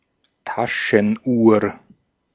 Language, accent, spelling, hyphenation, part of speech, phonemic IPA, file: German, Austria, Taschenuhr, Ta‧schen‧uhr, noun, /ˈtaʃənˌʔuːɐ̯/, De-at-Taschenuhr.ogg
- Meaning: pocket watch